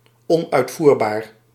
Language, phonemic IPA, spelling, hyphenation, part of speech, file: Dutch, /ˌɔn.œy̯tˈvur.baːr/, onuitvoerbaar, on‧uit‧voer‧baar, adjective, Nl-onuitvoerbaar.ogg
- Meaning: impossible to put into practice, impracticable